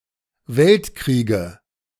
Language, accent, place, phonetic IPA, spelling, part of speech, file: German, Germany, Berlin, [ˈvɛltˌkʁiːɡə], Weltkriege, noun, De-Weltkriege.ogg
- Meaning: nominative/accusative/genitive plural of Weltkrieg